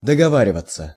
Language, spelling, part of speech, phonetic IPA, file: Russian, договариваться, verb, [dəɡɐˈvarʲɪvət͡sə], Ru-договариваться.ogg
- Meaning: 1. to agree (mutually), to arrange (about, for), to come to an agreement / understanding (about) 2. to come (to), to talk (to the point of) 3. to negotiate (about) (no perfective)